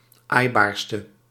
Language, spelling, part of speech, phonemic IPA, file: Dutch, aaibaarste, adjective, /ˈajbarstə/, Nl-aaibaarste.ogg
- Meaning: inflection of aaibaarst, the superlative degree of aaibaar: 1. masculine/feminine singular attributive 2. definite neuter singular attributive 3. plural attributive